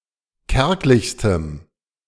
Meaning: strong dative masculine/neuter singular superlative degree of kärglich
- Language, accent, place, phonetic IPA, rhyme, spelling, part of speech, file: German, Germany, Berlin, [ˈkɛʁklɪçstəm], -ɛʁklɪçstəm, kärglichstem, adjective, De-kärglichstem.ogg